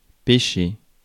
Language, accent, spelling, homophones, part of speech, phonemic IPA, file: French, France, pécher, pêcher / péché, verb, /pe.ʃe/, Fr-pécher.ogg
- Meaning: to sin